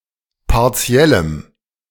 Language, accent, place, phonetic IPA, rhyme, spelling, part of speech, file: German, Germany, Berlin, [paʁˈt͡si̯ɛləm], -ɛləm, partiellem, adjective, De-partiellem.ogg
- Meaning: strong dative masculine/neuter singular of partiell